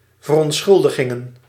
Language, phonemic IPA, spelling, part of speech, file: Dutch, /vərˌɔntˈsxʏldəɣə(n)/, verontschuldigen, verb, Nl-verontschuldigen.ogg
- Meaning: 1. to excuse, to forgive 2. to apologize